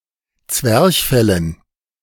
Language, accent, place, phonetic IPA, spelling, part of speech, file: German, Germany, Berlin, [ˈt͡svɛʁçˌfɛlən], Zwerchfellen, noun, De-Zwerchfellen.ogg
- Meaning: dative plural of Zwerchfell